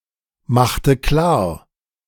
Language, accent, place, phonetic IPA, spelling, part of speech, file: German, Germany, Berlin, [ˌmaxtə ˈklaːɐ̯], machte klar, verb, De-machte klar.ogg
- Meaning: inflection of klarmachen: 1. first/third-person singular preterite 2. first/third-person singular subjunctive II